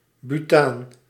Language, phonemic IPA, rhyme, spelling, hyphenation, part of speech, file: Dutch, /byˈtaːn/, -aːn, butaan, bu‧taan, noun, Nl-butaan.ogg
- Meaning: butane